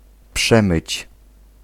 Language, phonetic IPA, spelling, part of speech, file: Polish, [ˈpʃɛ̃mɨt͡ɕ], przemyć, verb, Pl-przemyć.ogg